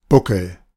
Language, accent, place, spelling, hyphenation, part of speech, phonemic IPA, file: German, Germany, Berlin, Buckel, Bu‧ckel, noun, /ˈbʊkl̩/, De-Buckel.ogg
- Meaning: 1. boss 2. hump 3. back